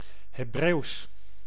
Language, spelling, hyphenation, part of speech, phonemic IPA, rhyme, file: Dutch, Hebreeuws, He‧breeuws, proper noun / adjective, /ɦeːˈbreːu̯s/, -eːu̯s, Nl-Hebreeuws.ogg
- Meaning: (proper noun) Hebrew (Semitic language, official language of Israel); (adjective) Hebrew